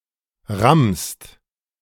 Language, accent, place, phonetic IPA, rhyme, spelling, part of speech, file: German, Germany, Berlin, [ʁamst], -amst, rammst, verb, De-rammst.ogg
- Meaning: second-person singular present of rammen